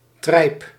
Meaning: 1. thick velvety fabric made of a cotton or linen weave and a wool or mohair pile, used in upholstery; Utrecht velvet 2. entrails, tripe 3. slur for a woman
- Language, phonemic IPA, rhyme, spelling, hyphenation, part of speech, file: Dutch, /trɛi̯p/, -ɛi̯p, trijp, trijp, noun, Nl-trijp.ogg